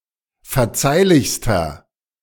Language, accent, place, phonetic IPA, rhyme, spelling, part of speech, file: German, Germany, Berlin, [fɛɐ̯ˈt͡saɪ̯lɪçstɐ], -aɪ̯lɪçstɐ, verzeihlichster, adjective, De-verzeihlichster.ogg
- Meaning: inflection of verzeihlich: 1. strong/mixed nominative masculine singular superlative degree 2. strong genitive/dative feminine singular superlative degree 3. strong genitive plural superlative degree